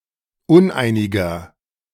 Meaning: inflection of uneinig: 1. strong/mixed nominative masculine singular 2. strong genitive/dative feminine singular 3. strong genitive plural
- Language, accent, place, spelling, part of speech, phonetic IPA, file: German, Germany, Berlin, uneiniger, adjective, [ˈʊnˌʔaɪ̯nɪɡɐ], De-uneiniger.ogg